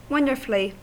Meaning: In a wonderful manner.: 1. In an excellent manner 2. To an extent inspiring wonder
- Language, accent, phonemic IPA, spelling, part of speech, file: English, US, /wʌn.də(ɹ).fli/, wonderfully, adverb, En-us-wonderfully.ogg